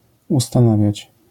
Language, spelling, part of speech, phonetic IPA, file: Polish, ustanawiać, verb, [ˌustãˈnavʲjät͡ɕ], LL-Q809 (pol)-ustanawiać.wav